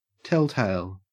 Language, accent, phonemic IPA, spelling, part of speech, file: English, Australia, /ˈtɛlteɪl/, telltale, noun / adjective, En-au-telltale.ogg
- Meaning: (noun) 1. One who divulges private information with intent to hurt others 2. An indicator, such as a warning light, that serves to warn of a hazard or problem